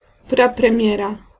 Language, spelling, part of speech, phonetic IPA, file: Polish, prapremiera, noun, [ˌpraprɛ̃ˈmʲjɛra], Pl-prapremiera.ogg